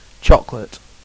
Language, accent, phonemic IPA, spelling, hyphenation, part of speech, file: English, UK, /ˈtʃɒk.(ə.)lət/, chocolate, choc‧o‧late, noun / adjective / verb, En-uk-chocolate.ogg
- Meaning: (noun) 1. A food made from ground roasted cocoa beans 2. A drink made by dissolving this food in boiling milk or water 3. A single, small piece of confectionery made from chocolate